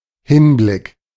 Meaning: regard, view
- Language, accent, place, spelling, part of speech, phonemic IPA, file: German, Germany, Berlin, Hinblick, noun, /ˈhɪnˌblɪk/, De-Hinblick.ogg